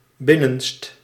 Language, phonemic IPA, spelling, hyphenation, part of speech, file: Dutch, /ˈbɪ.nənst/, binnenst, bin‧nenst, adjective, Nl-binnenst.ogg
- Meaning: innermost